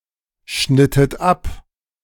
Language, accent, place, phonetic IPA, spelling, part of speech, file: German, Germany, Berlin, [ˌʃnɪtət ˈap], schnittet ab, verb, De-schnittet ab.ogg
- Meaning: inflection of abschneiden: 1. second-person plural preterite 2. second-person plural subjunctive II